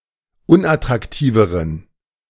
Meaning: inflection of unattraktiv: 1. strong genitive masculine/neuter singular comparative degree 2. weak/mixed genitive/dative all-gender singular comparative degree
- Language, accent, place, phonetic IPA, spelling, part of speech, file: German, Germany, Berlin, [ˈʊnʔatʁakˌtiːvəʁən], unattraktiveren, adjective, De-unattraktiveren.ogg